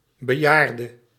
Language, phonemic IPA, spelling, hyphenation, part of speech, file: Dutch, /bəˈjaːr.də/, bejaarde, be‧jaar‧de, noun, Nl-bejaarde.ogg
- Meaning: elderly person